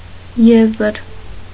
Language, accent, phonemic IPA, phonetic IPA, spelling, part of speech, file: Armenian, Eastern Armenian, /ˈjezəɾ/, [jézəɾ], եզր, noun, Hy-եզր.ogg
- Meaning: 1. bank; shore 2. border, edge; brink; extremity 3. skirt, flap, lap, hem 4. border, boundary, limit 5. rib 6. conclusion, finding; deduction